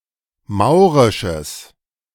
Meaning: strong/mixed nominative/accusative neuter singular of maurisch
- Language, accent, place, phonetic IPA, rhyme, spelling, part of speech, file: German, Germany, Berlin, [ˈmaʊ̯ʁɪʃəs], -aʊ̯ʁɪʃəs, maurisches, adjective, De-maurisches.ogg